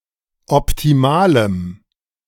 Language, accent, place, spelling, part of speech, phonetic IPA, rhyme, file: German, Germany, Berlin, optimalem, adjective, [ɔptiˈmaːləm], -aːləm, De-optimalem.ogg
- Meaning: strong dative masculine/neuter singular of optimal